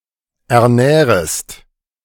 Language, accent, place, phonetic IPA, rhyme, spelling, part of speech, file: German, Germany, Berlin, [ɛɐ̯ˈnɛːʁəst], -ɛːʁəst, ernährest, verb, De-ernährest.ogg
- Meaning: second-person singular subjunctive I of ernähren